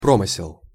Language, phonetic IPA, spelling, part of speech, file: Russian, [ˈpromɨsʲɪɫ], промысел, noun, Ru-промысел.ogg
- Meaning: 1. obtainment of resources (usually wild animals, birds, fish); hunting, fishing 2. small-scale handicraft production (pottery, forging, etc.) 3. obtainment of something through ill-gotten means